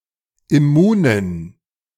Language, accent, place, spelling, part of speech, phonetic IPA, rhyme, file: German, Germany, Berlin, immunen, adjective, [ɪˈmuːnən], -uːnən, De-immunen.ogg
- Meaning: inflection of immun: 1. strong genitive masculine/neuter singular 2. weak/mixed genitive/dative all-gender singular 3. strong/weak/mixed accusative masculine singular 4. strong dative plural